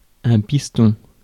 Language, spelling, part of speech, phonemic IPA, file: French, piston, noun, /pis.tɔ̃/, Fr-piston.ogg
- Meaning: 1. piston 2. contact, connection